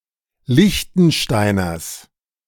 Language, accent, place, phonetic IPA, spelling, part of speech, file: German, Germany, Berlin, [ˈlɪçtn̩ˌʃtaɪ̯nɐs], Liechtensteiners, noun, De-Liechtensteiners.ogg
- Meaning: genitive singular of Liechtensteiner